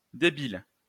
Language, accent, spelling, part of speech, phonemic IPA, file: French, France, débile, adjective / noun, /de.bil/, LL-Q150 (fra)-débile.wav
- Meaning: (adjective) 1. weak 2. dumb, stupid, retarded; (noun) retard